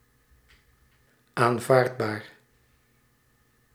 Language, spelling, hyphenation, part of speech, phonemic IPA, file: Dutch, aanvaardbaar, aan‧vaard‧baar, adjective, /ˌaːnˈvaːrt.baːr/, Nl-aanvaardbaar.ogg
- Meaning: acceptable, permissible, allowable